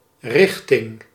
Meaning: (noun) 1. direction 2. movement, tendency; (preposition) 1. in the direction of 2. to, towards
- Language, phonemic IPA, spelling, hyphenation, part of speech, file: Dutch, /ˈrɪx.tɪŋ/, richting, rich‧ting, noun / preposition, Nl-richting.ogg